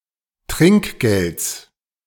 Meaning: genitive singular of Trinkgeld
- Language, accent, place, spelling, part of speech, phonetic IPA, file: German, Germany, Berlin, Trinkgelds, noun, [ˈtʁɪŋkˌɡelt͡s], De-Trinkgelds.ogg